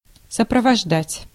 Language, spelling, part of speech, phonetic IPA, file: Russian, сопровождать, verb, [səprəvɐʐˈdatʲ], Ru-сопровождать.ogg
- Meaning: 1. to accompany 2. to attend, to escort, to convoy